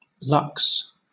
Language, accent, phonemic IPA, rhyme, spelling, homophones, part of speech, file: English, Southern England, /lʌks/, -ʌks, lux, lucks, noun / verb, LL-Q1860 (eng)-lux.wav
- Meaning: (noun) In the International System of Units, the derived unit of illuminance or illumination; one lumen per square metre. Symbol: lx; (verb) To dislocate; to luxate